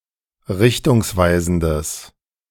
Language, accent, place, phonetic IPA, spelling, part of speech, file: German, Germany, Berlin, [ˈʁɪçtʊŋsˌvaɪ̯zn̩dəs], richtungsweisendes, adjective, De-richtungsweisendes.ogg
- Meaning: strong/mixed nominative/accusative neuter singular of richtungsweisend